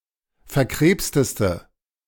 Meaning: inflection of verkrebst: 1. strong/mixed nominative/accusative feminine singular superlative degree 2. strong nominative/accusative plural superlative degree
- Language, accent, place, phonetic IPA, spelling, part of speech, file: German, Germany, Berlin, [fɛɐ̯ˈkʁeːpstəstə], verkrebsteste, adjective, De-verkrebsteste.ogg